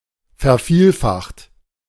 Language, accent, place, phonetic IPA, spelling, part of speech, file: German, Germany, Berlin, [fɛɐ̯ˈfiːlˌfaxt], vervielfacht, verb, De-vervielfacht.ogg
- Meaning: 1. past participle of vervielfachen 2. inflection of vervielfachen: second-person plural present 3. inflection of vervielfachen: third-person singular present